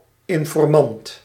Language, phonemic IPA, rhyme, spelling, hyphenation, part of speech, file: Dutch, /ˌɪn.fɔrˈmɑnt/, -ɑnt, informant, in‧for‧mant, noun, Nl-informant.ogg
- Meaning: informer, informant